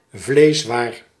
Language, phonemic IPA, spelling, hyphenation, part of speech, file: Dutch, /ˈvleːs.ʋaːr/, vleeswaar, vlees‧waar, noun, Nl-vleeswaar.ogg
- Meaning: processed meat products, smallgoods